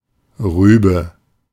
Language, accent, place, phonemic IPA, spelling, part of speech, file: German, Germany, Berlin, /ˈʁyːbə/, Rübe, noun, De-Rübe.ogg
- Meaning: a cover term for a variety of root vegetables including: 1. beetroot 2. turnip 3. rutabaga 4. carrot 5. radish 6. parsnip 7. root parsley 8. celeriac